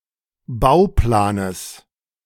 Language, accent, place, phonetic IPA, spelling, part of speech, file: German, Germany, Berlin, [ˈbaʊ̯ˌplaːnəs], Bauplanes, noun, De-Bauplanes.ogg
- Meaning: genitive of Bauplan